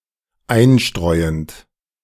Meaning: present participle of einstreuen
- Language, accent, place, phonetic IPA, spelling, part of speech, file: German, Germany, Berlin, [ˈaɪ̯nˌʃtʁɔɪ̯ənt], einstreuend, verb, De-einstreuend.ogg